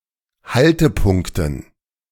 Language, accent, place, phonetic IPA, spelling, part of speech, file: German, Germany, Berlin, [ˈhaltəˌpʊŋktn̩], Haltepunkten, noun, De-Haltepunkten.ogg
- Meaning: dative plural of Haltepunkt